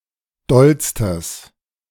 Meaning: strong/mixed nominative/accusative neuter singular superlative degree of doll
- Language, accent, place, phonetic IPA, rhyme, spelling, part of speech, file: German, Germany, Berlin, [ˈdɔlstəs], -ɔlstəs, dollstes, adjective, De-dollstes.ogg